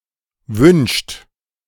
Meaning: inflection of wünschen: 1. third-person singular present 2. second-person plural present 3. plural imperative
- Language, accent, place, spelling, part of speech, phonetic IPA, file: German, Germany, Berlin, wünscht, verb, [vʏnʃt], De-wünscht.ogg